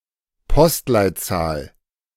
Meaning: postal code
- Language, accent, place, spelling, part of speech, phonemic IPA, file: German, Germany, Berlin, Postleitzahl, noun, /ˈpɔstlaɪ̯ttsaːl/, De-Postleitzahl.ogg